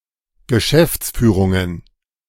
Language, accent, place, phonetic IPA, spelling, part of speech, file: German, Germany, Berlin, [ɡəˈʃɛft͡sˌfyːʁʊŋən], Geschäftsführungen, noun, De-Geschäftsführungen.ogg
- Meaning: plural of Geschäftsführung